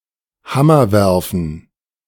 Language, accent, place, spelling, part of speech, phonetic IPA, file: German, Germany, Berlin, Hammerwerfen, noun, [ˈhamɐˌvɛʁfn̩], De-Hammerwerfen.ogg
- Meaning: hammer throw